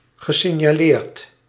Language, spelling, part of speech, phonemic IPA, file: Dutch, gesignaleerd, verb / adjective, /ɣəsɪɲaˈlert/, Nl-gesignaleerd.ogg
- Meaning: past participle of signaleren